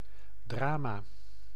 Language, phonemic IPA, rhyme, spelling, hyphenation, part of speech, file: Dutch, /ˈdraː.maː/, -aːmaː, drama, dra‧ma, noun, Nl-drama.ogg
- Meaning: 1. drama (theatrical work; anything involving play acting) 2. something tragic, a tragedy